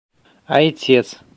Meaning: 1. Father (a title given to priests) 2. father
- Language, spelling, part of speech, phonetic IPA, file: Belarusian, айцец, noun, [ajˈt͡sʲet͡s], Be-айцец.ogg